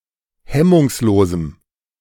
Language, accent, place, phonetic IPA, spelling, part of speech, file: German, Germany, Berlin, [ˈhɛmʊŋsˌloːzm̩], hemmungslosem, adjective, De-hemmungslosem.ogg
- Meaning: strong dative masculine/neuter singular of hemmungslos